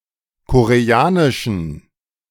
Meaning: weak genitive/dative singular of Koreanisch
- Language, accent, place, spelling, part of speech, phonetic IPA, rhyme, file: German, Germany, Berlin, Koreanischen, noun, [ˌkoʁeˈaːnɪʃn̩], -aːnɪʃn̩, De-Koreanischen.ogg